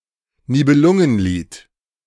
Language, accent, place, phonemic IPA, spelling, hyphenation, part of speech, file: German, Germany, Berlin, /ˈniːbəlʊŋənˌliːt/, Nibelungenlied, Ni‧be‧lun‧gen‧lied, proper noun, De-Nibelungenlied.ogg
- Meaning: A tragic epic poem, written in Middle High German, partially set in the land of the Nibelungs